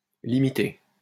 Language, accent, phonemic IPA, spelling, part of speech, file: French, France, /li.mi.te/, Ltée, noun, LL-Q150 (fra)-Ltée.wav
- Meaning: alternative form of Ltée